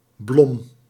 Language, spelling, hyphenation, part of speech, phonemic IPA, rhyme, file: Dutch, blom, blom, noun, /blɔm/, -ɔm, Nl-blom.ogg
- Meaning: 1. alternative form of bloem 2. flour